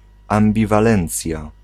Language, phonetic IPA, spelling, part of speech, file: Polish, [ˌãmbʲivaˈlɛ̃nt͡sʲja], ambiwalencja, noun, Pl-ambiwalencja.ogg